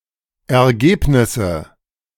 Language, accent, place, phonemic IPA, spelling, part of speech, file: German, Germany, Berlin, /ɛɐ̯ˈɡeːpnɪsə/, Ergebnisse, noun, De-Ergebnisse.ogg
- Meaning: nominative/accusative/genitive plural of Ergebnis